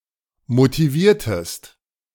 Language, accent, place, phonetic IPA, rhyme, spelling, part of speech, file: German, Germany, Berlin, [motiˈviːɐ̯təst], -iːɐ̯təst, motiviertest, verb, De-motiviertest.ogg
- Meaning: inflection of motivieren: 1. second-person singular preterite 2. second-person singular subjunctive II